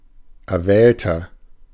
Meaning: 1. comparative degree of erwählt 2. inflection of erwählt: strong/mixed nominative masculine singular 3. inflection of erwählt: strong genitive/dative feminine singular
- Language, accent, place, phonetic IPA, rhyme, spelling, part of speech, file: German, Germany, Berlin, [ɛɐ̯ˈvɛːltɐ], -ɛːltɐ, erwählter, adjective, De-erwählter.ogg